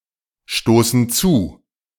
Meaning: inflection of zustoßen: 1. first/third-person plural present 2. first/third-person plural subjunctive I
- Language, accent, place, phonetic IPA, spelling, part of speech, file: German, Germany, Berlin, [ˌʃtoːsn̩ ˈt͡suː], stoßen zu, verb, De-stoßen zu.ogg